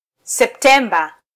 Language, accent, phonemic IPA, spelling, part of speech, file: Swahili, Kenya, /sɛpˈtɛ.ᵐbɑ/, Septemba, proper noun, Sw-ke-Septemba.flac
- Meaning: September